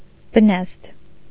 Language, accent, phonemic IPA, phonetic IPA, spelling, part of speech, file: Armenian, Eastern Armenian, /bəˈnɑzd/, [bənɑ́zd], բնազդ, noun, Hy-բնազդ.ogg
- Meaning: instinct